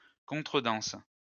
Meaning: 1. quadrille 2. fine; (parking) ticket
- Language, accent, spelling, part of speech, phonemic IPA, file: French, France, contredanse, noun, /kɔ̃.tʁə.dɑ̃s/, LL-Q150 (fra)-contredanse.wav